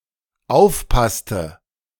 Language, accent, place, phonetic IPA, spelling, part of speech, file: German, Germany, Berlin, [ˈaʊ̯fˌpastə], aufpasste, verb, De-aufpasste.ogg
- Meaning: inflection of aufpassen: 1. first/third-person singular dependent preterite 2. first/third-person singular dependent subjunctive II